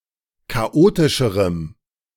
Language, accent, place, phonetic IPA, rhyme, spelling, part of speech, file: German, Germany, Berlin, [kaˈʔoːtɪʃəʁəm], -oːtɪʃəʁəm, chaotischerem, adjective, De-chaotischerem.ogg
- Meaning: strong dative masculine/neuter singular comparative degree of chaotisch